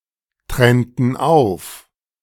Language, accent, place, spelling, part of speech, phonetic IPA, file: German, Germany, Berlin, trennten auf, verb, [ˌtʁɛntn̩ ˈaʊ̯f], De-trennten auf.ogg
- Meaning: inflection of auftrennen: 1. first/third-person plural preterite 2. first/third-person plural subjunctive II